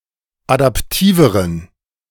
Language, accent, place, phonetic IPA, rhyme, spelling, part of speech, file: German, Germany, Berlin, [adapˈtiːvəʁən], -iːvəʁən, adaptiveren, adjective, De-adaptiveren.ogg
- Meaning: inflection of adaptiv: 1. strong genitive masculine/neuter singular comparative degree 2. weak/mixed genitive/dative all-gender singular comparative degree